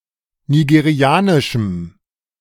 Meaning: strong dative masculine/neuter singular of nigerianisch
- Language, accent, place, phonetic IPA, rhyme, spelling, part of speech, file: German, Germany, Berlin, [niɡeˈʁi̯aːnɪʃm̩], -aːnɪʃm̩, nigerianischem, adjective, De-nigerianischem.ogg